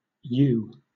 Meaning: Obsolete spelling of yew
- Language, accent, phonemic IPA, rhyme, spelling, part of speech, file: English, Southern England, /juː/, -uː, eugh, noun, LL-Q1860 (eng)-eugh.wav